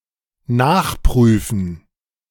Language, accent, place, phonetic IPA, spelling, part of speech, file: German, Germany, Berlin, [ˈnaːxˌpʁyːfn̩], nachprüfen, verb, De-nachprüfen.ogg
- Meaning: to ascertain; to review, to check, to reexamine